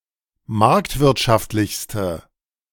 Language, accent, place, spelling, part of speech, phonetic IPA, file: German, Germany, Berlin, marktwirtschaftlichste, adjective, [ˈmaʁktvɪʁtʃaftlɪçstə], De-marktwirtschaftlichste.ogg
- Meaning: inflection of marktwirtschaftlich: 1. strong/mixed nominative/accusative feminine singular superlative degree 2. strong nominative/accusative plural superlative degree